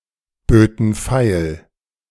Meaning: first/third-person plural subjunctive II of feilbieten
- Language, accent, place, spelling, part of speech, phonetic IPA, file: German, Germany, Berlin, böten feil, verb, [ˌbøːtn̩ ˈfaɪ̯l], De-böten feil.ogg